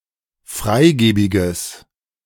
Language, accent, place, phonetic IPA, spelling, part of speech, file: German, Germany, Berlin, [ˈfʁaɪ̯ˌɡeːbɪɡəs], freigebiges, adjective, De-freigebiges.ogg
- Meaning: strong/mixed nominative/accusative neuter singular of freigebig